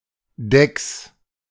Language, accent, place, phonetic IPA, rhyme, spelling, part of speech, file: German, Germany, Berlin, [dɛks], -ɛks, Decks, noun, De-Decks.ogg
- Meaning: plural of Deck